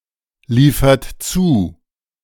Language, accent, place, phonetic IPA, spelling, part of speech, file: German, Germany, Berlin, [ˌliːfɐt ˈt͡suː], liefert zu, verb, De-liefert zu.ogg
- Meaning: inflection of zuliefern: 1. second-person plural present 2. third-person singular present 3. plural imperative